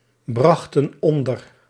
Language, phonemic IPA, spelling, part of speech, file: Dutch, /ˈbrɑxtə(n) ˈɔndər/, brachten onder, verb, Nl-brachten onder.ogg
- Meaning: inflection of onderbrengen: 1. plural past indicative 2. plural past subjunctive